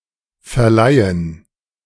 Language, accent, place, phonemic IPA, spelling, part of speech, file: German, Germany, Berlin, /fɛɐ̯ˈlaɪ̯ən/, verleihen, verb, De-verleihen2.ogg
- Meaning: 1. to award (someone an honor, a medal, etc); to confer (a title or degree upon someone) 2. to lend (something to someone, for a finite period of time)